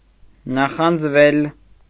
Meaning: 1. misconstruction of նախանձել (naxanjel) 2. mediopassive of նախանձել (naxanjel)
- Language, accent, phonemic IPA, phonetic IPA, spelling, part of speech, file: Armenian, Eastern Armenian, /nɑχɑnd͡zˈvel/, [nɑχɑnd͡zvél], նախանձվել, verb, Hy-նախանձվել.ogg